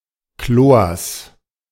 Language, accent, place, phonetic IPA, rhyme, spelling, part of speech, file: German, Germany, Berlin, [kloːɐ̯s], -oːɐ̯s, Chlors, noun, De-Chlors.ogg
- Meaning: genitive singular of Chlor